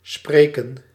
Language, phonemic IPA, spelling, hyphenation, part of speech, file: Dutch, /ˈspreːkə(n)/, spreken, spre‧ken, verb, Nl-spreken.ogg
- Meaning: to speak